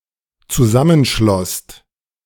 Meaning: second-person singular/plural dependent preterite of zusammenschließen
- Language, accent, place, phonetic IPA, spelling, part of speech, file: German, Germany, Berlin, [t͡suˈzamənˌʃlɔst], zusammenschlosst, verb, De-zusammenschlosst.ogg